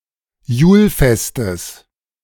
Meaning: genitive of Julfest
- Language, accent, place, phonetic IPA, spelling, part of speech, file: German, Germany, Berlin, [ˈjuːlˌfɛstəs], Julfestes, noun, De-Julfestes.ogg